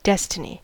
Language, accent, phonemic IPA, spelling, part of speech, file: English, US, /ˈdɛs.tɪ.ni/, destiny, noun, En-us-destiny.ogg
- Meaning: That to which any person or thing is destined; a predetermined or inevitable eventual state; a condition predestined by the Divine or by human will